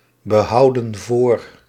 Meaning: inflection of voorbehouden: 1. plural present indicative 2. plural present subjunctive
- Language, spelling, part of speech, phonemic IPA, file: Dutch, behouden voor, verb, /bəˈhɑudə(n) ˈvor/, Nl-behouden voor.ogg